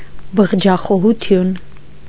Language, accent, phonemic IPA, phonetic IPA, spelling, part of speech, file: Armenian, Eastern Armenian, /bəʁd͡ʒɑχohuˈtʰjun/, [bəʁd͡ʒɑχohut͡sʰjún], բղջախոհություն, noun, Hy-բղջախոհություն.ogg
- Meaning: licentiousness, lasciviousness